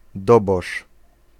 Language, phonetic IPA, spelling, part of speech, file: Polish, [ˈdɔbɔʃ], dobosz, noun, Pl-dobosz.ogg